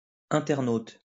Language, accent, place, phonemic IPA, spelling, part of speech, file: French, France, Lyon, /ɛ̃.tɛʁ.not/, internaute, noun, LL-Q150 (fra)-internaute.wav
- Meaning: Internet user, surfer, websurfer